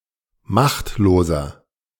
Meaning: 1. comparative degree of machtlos 2. inflection of machtlos: strong/mixed nominative masculine singular 3. inflection of machtlos: strong genitive/dative feminine singular
- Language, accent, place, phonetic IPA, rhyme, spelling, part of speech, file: German, Germany, Berlin, [ˈmaxtloːzɐ], -axtloːzɐ, machtloser, adjective, De-machtloser.ogg